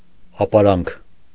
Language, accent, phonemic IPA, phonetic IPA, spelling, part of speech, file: Armenian, Eastern Armenian, /ɑpɑˈɾɑnkʰ/, [ɑpɑɾɑ́ŋkʰ], ապարանք, noun, Hy-ապարանք.ogg
- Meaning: palace